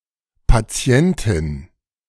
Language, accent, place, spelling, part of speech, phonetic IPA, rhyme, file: German, Germany, Berlin, Patientin, noun, [paˈt͡si̯ɛntɪn], -ɛntɪn, De-Patientin.ogg
- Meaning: patient (female)